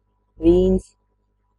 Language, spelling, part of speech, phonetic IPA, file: Latvian, vīns, noun, [ˈvīːns], Lv-vīns.ogg
- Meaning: 1. wine (alcoholic drink made from berriess or fruit juices) 2. vine (the plant which produces grapes, usually called vīnkoks)